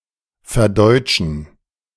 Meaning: to translate into German
- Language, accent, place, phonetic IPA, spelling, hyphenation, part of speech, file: German, Germany, Berlin, [fɛɐ̯ˈdɔɪ̯t͡ʃn̩], verdeutschen, ver‧deut‧schen, verb, De-verdeutschen.ogg